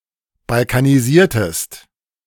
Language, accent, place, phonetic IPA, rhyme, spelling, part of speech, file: German, Germany, Berlin, [balkaniˈziːɐ̯təst], -iːɐ̯təst, balkanisiertest, verb, De-balkanisiertest.ogg
- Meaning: inflection of balkanisieren: 1. second-person singular preterite 2. second-person singular subjunctive II